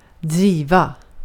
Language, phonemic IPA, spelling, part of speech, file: Swedish, /ˈdriːˌva/, driva, noun / verb, Sv-driva.ogg
- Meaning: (noun) a drift (usually of snow); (verb) 1. to drive (to compel) 2. to drift; wander about (driva runt/driva omkring) 3. to operate, run (a company, campaign etc.)